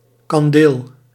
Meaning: a type of mulled wine with cinnamon (historically used to celebrate the birth of a child)
- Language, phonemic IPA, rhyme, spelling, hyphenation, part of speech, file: Dutch, /kɑnˈdeːl/, -eːl, kandeel, kan‧deel, noun, Nl-kandeel.ogg